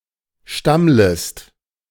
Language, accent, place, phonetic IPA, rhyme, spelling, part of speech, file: German, Germany, Berlin, [ˈʃtamləst], -amləst, stammlest, verb, De-stammlest.ogg
- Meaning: second-person singular subjunctive I of stammeln